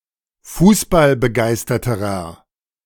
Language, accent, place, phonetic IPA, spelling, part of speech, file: German, Germany, Berlin, [ˈfuːsbalbəˌɡaɪ̯stɐtəʁɐ], fußballbegeisterterer, adjective, De-fußballbegeisterterer.ogg
- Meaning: inflection of fußballbegeistert: 1. strong/mixed nominative masculine singular comparative degree 2. strong genitive/dative feminine singular comparative degree